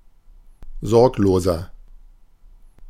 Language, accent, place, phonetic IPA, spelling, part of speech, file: German, Germany, Berlin, [ˈzɔʁkloːzɐ], sorgloser, adjective, De-sorgloser.ogg
- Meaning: 1. comparative degree of sorglos 2. inflection of sorglos: strong/mixed nominative masculine singular 3. inflection of sorglos: strong genitive/dative feminine singular